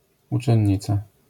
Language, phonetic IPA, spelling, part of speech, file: Polish, [ˌut͡ʃɛ̃ɲˈːit͡sa], uczennica, noun, LL-Q809 (pol)-uczennica.wav